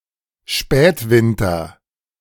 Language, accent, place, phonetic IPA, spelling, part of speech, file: German, Germany, Berlin, [ˈʃpɛːtˌvɪntɐ], Spätwinter, noun, De-Spätwinter.ogg
- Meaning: late winter